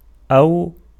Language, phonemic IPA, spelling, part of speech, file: Arabic, /ʔaw/, أو, conjunction, Ar-أو.ogg
- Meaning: 1. indicates an inclusive disjunction 2. indicates an exclusive disjunction